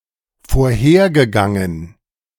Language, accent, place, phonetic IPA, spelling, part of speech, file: German, Germany, Berlin, [foːɐ̯ˈheːɐ̯ɡəˌɡaŋən], vorhergegangen, verb, De-vorhergegangen.ogg
- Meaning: past participle of vorhergehen